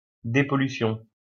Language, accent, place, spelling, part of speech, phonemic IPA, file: French, France, Lyon, dépollution, noun, /de.pɔ.ly.sjɔ̃/, LL-Q150 (fra)-dépollution.wav
- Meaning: cleanup of pollution